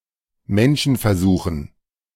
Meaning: dative plural of Menschenversuch
- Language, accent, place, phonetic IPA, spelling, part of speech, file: German, Germany, Berlin, [ˈmɛnʃn̩fɛɐ̯ˌzuːxn̩], Menschenversuchen, noun, De-Menschenversuchen.ogg